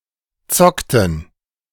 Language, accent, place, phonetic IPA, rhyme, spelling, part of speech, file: German, Germany, Berlin, [ˈt͡sɔktn̩], -ɔktn̩, zockten, verb, De-zockten.ogg
- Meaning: inflection of zocken: 1. first/third-person plural preterite 2. first/third-person plural subjunctive II